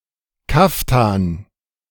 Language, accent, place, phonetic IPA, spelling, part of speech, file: German, Germany, Berlin, [ˈkaftan], Kaftan, noun, De-Kaftan.ogg
- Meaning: kaftan